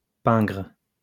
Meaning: miserly, stingy
- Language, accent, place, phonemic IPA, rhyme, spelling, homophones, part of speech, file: French, France, Lyon, /pɛ̃ɡʁ/, -ɛ̃ɡʁ, pingre, pingres, adjective, LL-Q150 (fra)-pingre.wav